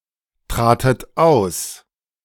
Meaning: second-person plural preterite of austreten
- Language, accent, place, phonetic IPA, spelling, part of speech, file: German, Germany, Berlin, [ˌtʁaːtət ˈaʊ̯s], tratet aus, verb, De-tratet aus.ogg